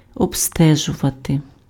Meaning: 1. to inspect, to examine 2. to investigate, to inquire (into), to explore
- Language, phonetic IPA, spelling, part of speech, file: Ukrainian, [ɔbˈstɛʒʊʋɐte], обстежувати, verb, Uk-обстежувати.ogg